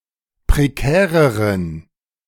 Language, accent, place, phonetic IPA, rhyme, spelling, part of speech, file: German, Germany, Berlin, [pʁeˈkɛːʁəʁən], -ɛːʁəʁən, prekäreren, adjective, De-prekäreren.ogg
- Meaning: inflection of prekär: 1. strong genitive masculine/neuter singular comparative degree 2. weak/mixed genitive/dative all-gender singular comparative degree